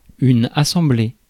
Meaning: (noun) 1. assembly 2. audience (group of people within hearing; specifically, a large gathering of people listening to or watching a performance, speech, etc.); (verb) feminine singular of assemblé
- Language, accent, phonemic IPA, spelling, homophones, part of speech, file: French, France, /a.sɑ̃.ble/, assemblée, assemblé / assemblées, noun / verb, Fr-assemblée.ogg